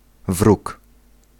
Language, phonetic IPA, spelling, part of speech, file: Polish, [vruk], wróg, noun, Pl-wróg.ogg